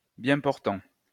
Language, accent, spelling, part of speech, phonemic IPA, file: French, France, bien portant, adjective, /bjɛ̃ pɔʁ.tɑ̃/, LL-Q150 (fra)-bien portant.wav
- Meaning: 1. healthy 2. portly, pudgy, well-padded